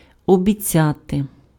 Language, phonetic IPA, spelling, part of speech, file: Ukrainian, [ɔbʲiˈt͡sʲate], обіцяти, verb, Uk-обіцяти.ogg
- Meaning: to promise, to pledge